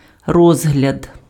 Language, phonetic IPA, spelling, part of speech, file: Ukrainian, [ˈrɔzɦlʲɐd], розгляд, noun, Uk-розгляд.ogg
- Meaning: 1. consideration 2. examination 3. trial